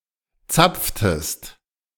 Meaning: inflection of zapfen: 1. second-person singular preterite 2. second-person singular subjunctive II
- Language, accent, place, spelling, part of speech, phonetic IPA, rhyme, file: German, Germany, Berlin, zapftest, verb, [ˈt͡sap͡ftəst], -ap͡ftəst, De-zapftest.ogg